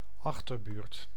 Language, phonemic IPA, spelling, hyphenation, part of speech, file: Dutch, /ˈɑx.tərˌbyːrt/, achterbuurt, ach‧ter‧buurt, noun, Nl-achterbuurt.ogg
- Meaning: an impoverished neighbourhood, a shady or shabby neighbourhood